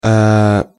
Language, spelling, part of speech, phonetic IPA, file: Russian, э-э, interjection, [ɛː], Ru-э-э.ogg
- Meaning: alternative spelling of э (e)